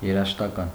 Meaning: musical
- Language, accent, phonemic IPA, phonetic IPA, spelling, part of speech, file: Armenian, Eastern Armenian, /jeɾɑʒəʃtɑˈkɑn/, [jeɾɑʒəʃtɑkɑ́n], երաժշտական, adjective, Hy-երաժշտական.ogg